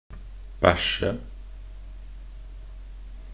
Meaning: to poop
- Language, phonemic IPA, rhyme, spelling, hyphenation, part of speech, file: Norwegian Bokmål, /ˈbæʃːə/, -æʃːə, bæsje, bæ‧sje, verb, Nb-bæsje.ogg